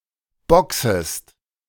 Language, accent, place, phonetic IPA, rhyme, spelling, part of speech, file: German, Germany, Berlin, [ˈbɔksəst], -ɔksəst, boxest, verb, De-boxest.ogg
- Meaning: second-person singular subjunctive I of boxen